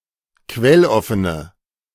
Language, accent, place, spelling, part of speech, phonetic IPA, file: German, Germany, Berlin, quelloffene, adjective, [ˈkvɛlˌɔfənə], De-quelloffene.ogg
- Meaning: inflection of quelloffen: 1. strong/mixed nominative/accusative feminine singular 2. strong nominative/accusative plural 3. weak nominative all-gender singular